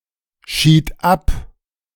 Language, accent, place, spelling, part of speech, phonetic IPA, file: German, Germany, Berlin, schied ab, verb, [ˌʃiːt ˈap], De-schied ab.ogg
- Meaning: first/third-person singular preterite of abscheiden